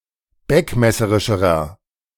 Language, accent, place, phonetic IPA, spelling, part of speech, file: German, Germany, Berlin, [ˈbɛkmɛsəʁɪʃəʁɐ], beckmesserischerer, adjective, De-beckmesserischerer.ogg
- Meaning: inflection of beckmesserisch: 1. strong/mixed nominative masculine singular comparative degree 2. strong genitive/dative feminine singular comparative degree